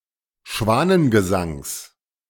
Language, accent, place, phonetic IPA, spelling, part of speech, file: German, Germany, Berlin, [ˈʃvaːnənɡəˌzaŋs], Schwanengesangs, noun, De-Schwanengesangs.ogg
- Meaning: genitive singular of Schwanengesang